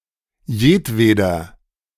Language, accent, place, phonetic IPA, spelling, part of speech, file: German, Germany, Berlin, [ˈjeːtˌveː.dɐ], jedweder, pronoun / determiner, De-jedweder.ogg
- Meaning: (pronoun) each, every possible; emphatic synonym of jeder; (determiner) any, all, every possible; emphatic synonym of jeder